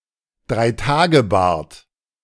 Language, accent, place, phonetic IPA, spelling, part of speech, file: German, Germany, Berlin, [draiˈtaːɡəˌbaːɐt], Dreitagebart, noun, De-Dreitagebart.ogg
- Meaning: stubble grown after three days